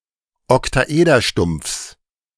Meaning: genitive singular of Oktaederstumpf
- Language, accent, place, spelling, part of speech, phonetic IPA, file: German, Germany, Berlin, Oktaederstumpfs, noun, [ɔktaˈʔeːdɐˌʃtʊmp͡fs], De-Oktaederstumpfs.ogg